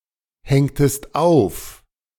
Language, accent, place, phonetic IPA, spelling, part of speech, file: German, Germany, Berlin, [ˌhɛŋtəst ˈaʊ̯f], hängtest auf, verb, De-hängtest auf.ogg
- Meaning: inflection of aufhängen: 1. second-person singular preterite 2. second-person singular subjunctive II